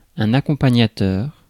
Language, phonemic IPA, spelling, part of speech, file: French, /a.kɔ̃.pa.ɲa.tœʁ/, accompagnateur, noun, Fr-accompagnateur.ogg
- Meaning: 1. accompanier; co-(something) 2. accompanist